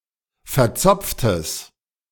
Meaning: strong/mixed nominative/accusative neuter singular of verzopft
- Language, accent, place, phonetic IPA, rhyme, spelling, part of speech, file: German, Germany, Berlin, [fɛɐ̯ˈt͡sɔp͡ftəs], -ɔp͡ftəs, verzopftes, adjective, De-verzopftes.ogg